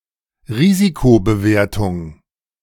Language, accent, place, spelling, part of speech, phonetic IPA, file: German, Germany, Berlin, Risikobewertung, noun, [ˈʁiːzikobəˌveːɐ̯tʊŋ], De-Risikobewertung.ogg
- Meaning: risk assessment